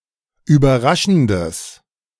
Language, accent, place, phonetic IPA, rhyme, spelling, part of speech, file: German, Germany, Berlin, [yːbɐˈʁaʃn̩dəs], -aʃn̩dəs, überraschendes, adjective, De-überraschendes.ogg
- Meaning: strong/mixed nominative/accusative neuter singular of überraschend